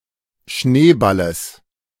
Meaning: genitive of Schneeball
- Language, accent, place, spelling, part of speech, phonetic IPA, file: German, Germany, Berlin, Schneeballes, noun, [ˈʃneːˌbaləs], De-Schneeballes.ogg